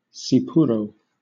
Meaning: A Greek alcoholic spirit distilled from marc or pomace, similar to grappa
- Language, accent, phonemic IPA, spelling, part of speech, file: English, Southern England, /ˈ(t)sɪpʊɹoʊ/, tsipouro, noun, LL-Q1860 (eng)-tsipouro.wav